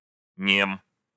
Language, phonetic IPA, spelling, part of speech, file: Russian, [nʲem], нем, adjective, Ru-нем.ogg
- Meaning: short masculine singular of немо́й (nemój)